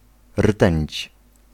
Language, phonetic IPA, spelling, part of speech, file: Polish, [r̥tɛ̃ɲt͡ɕ], rtęć, noun, Pl-rtęć.ogg